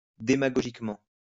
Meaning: demagogically
- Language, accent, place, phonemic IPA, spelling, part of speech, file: French, France, Lyon, /de.ma.ɡɔ.ʒik.mɑ̃/, démagogiquement, adverb, LL-Q150 (fra)-démagogiquement.wav